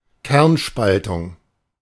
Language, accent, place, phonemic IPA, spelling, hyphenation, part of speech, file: German, Germany, Berlin, /ˈkɛʁnˌʃpaltʊŋ/, Kernspaltung, Kern‧spal‧tung, noun, De-Kernspaltung.ogg
- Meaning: nuclear fission